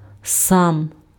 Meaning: self, -self
- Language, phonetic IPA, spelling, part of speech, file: Ukrainian, [sam], сам, pronoun, Uk-сам.ogg